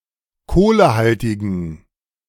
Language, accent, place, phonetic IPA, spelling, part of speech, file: German, Germany, Berlin, [ˈkoːləˌhaltɪɡəs], kohlehaltiges, adjective, De-kohlehaltiges.ogg
- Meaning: strong/mixed nominative/accusative neuter singular of kohlehaltig